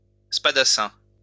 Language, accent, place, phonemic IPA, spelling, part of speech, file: French, France, Lyon, /spa.da.sɛ̃/, spadassin, noun, LL-Q150 (fra)-spadassin.wav
- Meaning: 1. spadassin 2. hitman